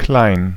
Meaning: 1. small, little, wee (in physical size or extent) 2. small, little, young (not grown up) 3. insignificant (of little influence or means; of people)
- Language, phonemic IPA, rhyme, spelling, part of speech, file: German, /klaɪ̯n/, -aɪ̯n, klein, adjective, De-klein.ogg